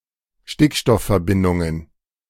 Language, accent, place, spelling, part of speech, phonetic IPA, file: German, Germany, Berlin, Stickstoffverbindungen, noun, [ˈʃtɪkʃtɔffɛɐ̯ˌbɪndʊŋən], De-Stickstoffverbindungen.ogg
- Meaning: plural of Stickstoffverbindung